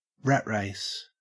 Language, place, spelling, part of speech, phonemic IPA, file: English, Queensland, rat race, noun, /ˈɹæt ˌɹæɪs/, En-au-rat race.ogg
- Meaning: An activity or situation which is congested with participants and which is hectic or tedious, especially in the context of a busy, modern urban lifestyle